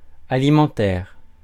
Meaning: 1. food; alimentary 2. alimony, child support 3. engaged in to meet one's needs rather than by passion (of a job, etc.)
- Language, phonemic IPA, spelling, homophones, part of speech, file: French, /a.li.mɑ̃.tɛʁ/, alimentaire, alimentaires, adjective, Fr-alimentaire.ogg